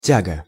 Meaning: 1. draft/draught, pull, draw (in a pipe, tunnel, chimney) 2. traction, pulling, hauling 3. thrust 4. pull rod, connecting rod 5. stay, brace 6. laboratory hood 7. bent, desire
- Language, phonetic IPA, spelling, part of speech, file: Russian, [ˈtʲaɡə], тяга, noun, Ru-тяга.ogg